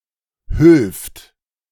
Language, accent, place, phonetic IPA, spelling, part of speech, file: German, Germany, Berlin, [hʏlft], hülft, verb, De-hülft.ogg
- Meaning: obsolete form of hilft